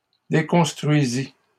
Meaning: first/second-person singular past historic of déconstruire
- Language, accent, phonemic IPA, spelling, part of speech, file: French, Canada, /de.kɔ̃s.tʁɥi.zi/, déconstruisis, verb, LL-Q150 (fra)-déconstruisis.wav